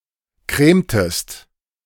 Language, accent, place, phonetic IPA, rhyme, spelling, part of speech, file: German, Germany, Berlin, [ˈkʁeːmtəst], -eːmtəst, cremtest, verb, De-cremtest.ogg
- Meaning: inflection of cremen: 1. second-person singular preterite 2. second-person singular subjunctive II